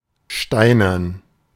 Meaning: stone (made of stone)
- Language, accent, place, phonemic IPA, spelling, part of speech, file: German, Germany, Berlin, /ˈʃtaɪ̯nɐn/, steinern, adjective, De-steinern.ogg